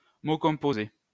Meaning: compound, compound word (linguistics: word formed by combining other words)
- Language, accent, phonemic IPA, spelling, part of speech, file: French, France, /mo kɔ̃.po.ze/, mot composé, noun, LL-Q150 (fra)-mot composé.wav